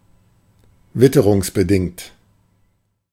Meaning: due to weather conditions
- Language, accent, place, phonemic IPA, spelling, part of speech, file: German, Germany, Berlin, /ˈvɪtəʁuŋsbəˌdɪŋt/, witterungsbedingt, adjective, De-witterungsbedingt.ogg